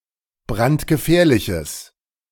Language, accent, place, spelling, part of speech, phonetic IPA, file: German, Germany, Berlin, brandgefährliches, adjective, [ˈbʁantɡəˌfɛːɐ̯lɪçəs], De-brandgefährliches.ogg
- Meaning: strong/mixed nominative/accusative neuter singular of brandgefährlich